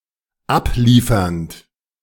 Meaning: present participle of abliefern
- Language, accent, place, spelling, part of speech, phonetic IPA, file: German, Germany, Berlin, abliefernd, verb, [ˈapˌliːfɐnt], De-abliefernd.ogg